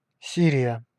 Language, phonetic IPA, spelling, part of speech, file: Russian, [ˈsʲirʲɪjə], Сирия, proper noun, Ru-Сирия.ogg
- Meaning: Syria (a country in West Asia in the Middle East)